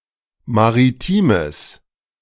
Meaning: strong/mixed nominative/accusative neuter singular of maritim
- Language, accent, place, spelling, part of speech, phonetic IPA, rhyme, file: German, Germany, Berlin, maritimes, adjective, [maʁiˈtiːməs], -iːməs, De-maritimes.ogg